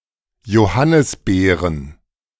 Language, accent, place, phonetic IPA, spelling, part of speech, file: German, Germany, Berlin, [joˈhanɪsˌbeːʁən], Johannisbeeren, noun, De-Johannisbeeren.ogg
- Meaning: plural of Johannisbeere "currants"